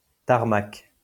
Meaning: tarmac (part of airport)
- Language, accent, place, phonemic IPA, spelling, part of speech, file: French, France, Lyon, /taʁ.mak/, tarmac, noun, LL-Q150 (fra)-tarmac.wav